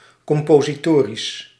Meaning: 1. concerning musical composing, composer(s) and/or compositions 2. concerning other artistic or linguistic composing and/or compositions
- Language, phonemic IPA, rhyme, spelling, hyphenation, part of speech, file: Dutch, /ˌkɔm.poː.ziˈtoː.ris/, -oːris, compositorisch, com‧po‧si‧to‧risch, adjective, Nl-compositorisch.ogg